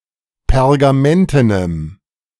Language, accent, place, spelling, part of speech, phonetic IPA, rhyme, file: German, Germany, Berlin, pergamentenem, adjective, [pɛʁɡaˈmɛntənəm], -ɛntənəm, De-pergamentenem.ogg
- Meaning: strong dative masculine/neuter singular of pergamenten